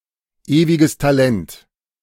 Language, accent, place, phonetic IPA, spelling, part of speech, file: German, Germany, Berlin, [ˌeːvɪɡəs taˈlɛnt], ewiges Talent, noun, De-ewiges Talent.ogg
- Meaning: a person, particularly a sportsperson, who is continuously noted for their great talent but remains unable to live up to it